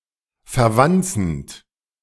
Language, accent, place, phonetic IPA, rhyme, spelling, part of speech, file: German, Germany, Berlin, [fɛɐ̯ˈvant͡sn̩t], -ant͡sn̩t, verwanzend, verb, De-verwanzend.ogg
- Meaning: present participle of verwanzen